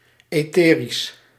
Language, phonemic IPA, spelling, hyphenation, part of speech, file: Dutch, /ˌeːˈteː.ris/, etherisch, ethe‧risch, adjective, Nl-etherisch.ogg
- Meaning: 1. ethereal 2. etheric